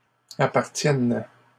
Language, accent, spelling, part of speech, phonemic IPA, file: French, Canada, appartiennes, verb, /a.paʁ.tjɛn/, LL-Q150 (fra)-appartiennes.wav
- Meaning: second-person singular present subjunctive of appartenir